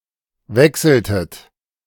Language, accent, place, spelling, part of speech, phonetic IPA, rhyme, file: German, Germany, Berlin, wechseltet, verb, [ˈvɛksl̩tət], -ɛksl̩tət, De-wechseltet.ogg
- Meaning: inflection of wechseln: 1. second-person plural preterite 2. second-person plural subjunctive II